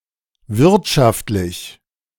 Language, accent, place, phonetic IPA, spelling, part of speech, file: German, Germany, Berlin, [ˈvɪʁtʃaftlɪç], wirtschaftlich, adjective, De-wirtschaftlich.ogg
- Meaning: 1. economical 2. efficient